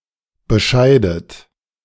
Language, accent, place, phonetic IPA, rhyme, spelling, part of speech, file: German, Germany, Berlin, [bəˈʃaɪ̯dət], -aɪ̯dət, bescheidet, verb, De-bescheidet.ogg
- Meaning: inflection of bescheiden: 1. third-person singular present 2. second-person plural present 3. second-person plural subjunctive I 4. plural imperative